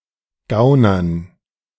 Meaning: dative plural of Gauner
- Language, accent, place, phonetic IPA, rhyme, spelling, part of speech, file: German, Germany, Berlin, [ˈɡaʊ̯nɐn], -aʊ̯nɐn, Gaunern, noun, De-Gaunern.ogg